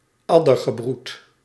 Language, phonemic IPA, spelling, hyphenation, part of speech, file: Dutch, /ˈɑ.dər.ɣəˌbrut/, addergebroed, ad‧der‧ge‧broed, noun, Nl-addergebroed.ogg
- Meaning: scum (brood of vipers)